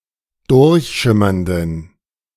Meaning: inflection of durchschimmernd: 1. strong genitive masculine/neuter singular 2. weak/mixed genitive/dative all-gender singular 3. strong/weak/mixed accusative masculine singular 4. strong dative plural
- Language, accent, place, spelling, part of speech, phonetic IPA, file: German, Germany, Berlin, durchschimmernden, adjective, [ˈdʊʁçˌʃɪmɐndn̩], De-durchschimmernden.ogg